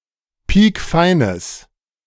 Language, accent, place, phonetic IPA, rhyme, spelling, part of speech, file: German, Germany, Berlin, [ˈpiːkˈfaɪ̯nəs], -aɪ̯nəs, piekfeines, adjective, De-piekfeines.ogg
- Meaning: strong/mixed nominative/accusative neuter singular of piekfein